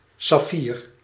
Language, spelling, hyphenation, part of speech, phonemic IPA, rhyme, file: Dutch, saffier, saf‧fier, noun, /sɑˈfiːr/, -iːr, Nl-saffier.ogg
- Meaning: 1. sapphire (transparent blue corundum, or a clear corundum of another colour) 2. sapphire ((blue) corundum) 3. sapphire (blue colour)